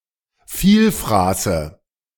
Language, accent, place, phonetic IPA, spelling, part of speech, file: German, Germany, Berlin, [ˈfiːlˌfʁaːsə], Vielfraße, noun, De-Vielfraße.ogg
- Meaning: nominative/accusative/genitive plural of Vielfraß